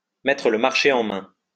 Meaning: to adopt a my-way-or-the-highway attitude towards, to tell (someone) to take it or leave it, to give (someone) an ultimatum, to force (someone) to make a decision
- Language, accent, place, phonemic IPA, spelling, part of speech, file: French, France, Lyon, /mɛ.tʁə l(ə) maʁ.ʃe ɑ̃ mɛ̃/, mettre le marché en main, verb, LL-Q150 (fra)-mettre le marché en main.wav